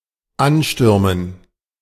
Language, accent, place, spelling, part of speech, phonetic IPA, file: German, Germany, Berlin, Anstürmen, noun, [ˈanˌʃtʏʁmən], De-Anstürmen.ogg
- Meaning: dative plural of Ansturm